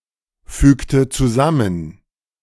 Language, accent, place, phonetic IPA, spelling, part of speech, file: German, Germany, Berlin, [ˌfyːktə t͡suˈzamən], fügte zusammen, verb, De-fügte zusammen.ogg
- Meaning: inflection of zusammenfügen: 1. first/third-person singular preterite 2. first/third-person singular subjunctive II